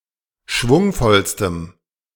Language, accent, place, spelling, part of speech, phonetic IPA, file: German, Germany, Berlin, schwungvollstem, adjective, [ˈʃvʊŋfɔlstəm], De-schwungvollstem.ogg
- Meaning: strong dative masculine/neuter singular superlative degree of schwungvoll